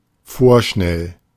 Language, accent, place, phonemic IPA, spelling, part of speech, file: German, Germany, Berlin, /ˈfoːɐ̯ˌʃnɛl/, vorschnell, adjective, De-vorschnell.ogg
- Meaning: precipitate; rash; hasty (happening without proper care and thought; acting in such a way)